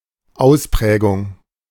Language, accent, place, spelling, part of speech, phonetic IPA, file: German, Germany, Berlin, Ausprägung, noun, [ˈaʊ̯sˌpʁɛːɡʊŋ], De-Ausprägung.ogg
- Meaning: 1. characteristic, peculiarity 2. distinctness, markedness